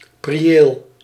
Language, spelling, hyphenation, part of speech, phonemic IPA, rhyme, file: Dutch, prieel, pri‧eel, noun, /priˈeːl/, -eːl, Nl-prieel.ogg
- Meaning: 1. open, roofed gazebo 2. pleasant region